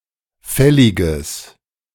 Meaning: strong/mixed nominative/accusative neuter singular of fällig
- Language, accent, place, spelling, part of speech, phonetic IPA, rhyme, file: German, Germany, Berlin, fälliges, adjective, [ˈfɛlɪɡəs], -ɛlɪɡəs, De-fälliges.ogg